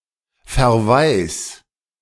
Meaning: 1. singular imperative of verwaisen 2. first-person singular present of verwaisen
- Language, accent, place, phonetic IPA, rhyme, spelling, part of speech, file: German, Germany, Berlin, [fɛɐ̯ˈvaɪ̯s], -aɪ̯s, verwais, verb, De-verwais.ogg